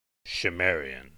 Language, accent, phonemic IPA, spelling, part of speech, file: English, US, /ʃɪˈmɛɹi.ən/, Shimerian, adjective / noun, En-us-Shimerian.ogg
- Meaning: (adjective) Of, pertaining to, or characteristic of Shimer College; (noun) A person who is associated with Shimer College